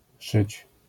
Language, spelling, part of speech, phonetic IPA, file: Polish, szyć, verb, [ʃɨt͡ɕ], LL-Q809 (pol)-szyć.wav